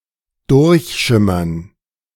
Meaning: 1. to gleam 2. to shimmer through
- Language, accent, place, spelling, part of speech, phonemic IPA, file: German, Germany, Berlin, durchschimmern, verb, /ˈdʊʁçˌʃɪmɐn/, De-durchschimmern.ogg